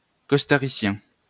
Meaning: Costa Rican
- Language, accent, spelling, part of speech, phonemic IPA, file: French, France, costaricien, adjective, /kɔs.ta.ʁi.sjɛ̃/, LL-Q150 (fra)-costaricien.wav